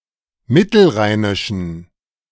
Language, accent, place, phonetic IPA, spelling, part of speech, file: German, Germany, Berlin, [ˈmɪtl̩ˌʁaɪ̯nɪʃn̩], mittelrheinischen, adjective, De-mittelrheinischen.ogg
- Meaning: inflection of mittelrheinisch: 1. strong genitive masculine/neuter singular 2. weak/mixed genitive/dative all-gender singular 3. strong/weak/mixed accusative masculine singular 4. strong dative plural